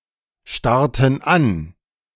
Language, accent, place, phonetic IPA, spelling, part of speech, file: German, Germany, Berlin, [ˌʃtaʁtn̩ ˈan], starrten an, verb, De-starrten an.ogg
- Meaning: inflection of anstarren: 1. first/third-person plural preterite 2. first/third-person plural subjunctive II